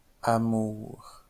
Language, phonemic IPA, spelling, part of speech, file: French, /a.muʁ/, Amour, proper noun, LL-Q150 (fra)-Amour.wav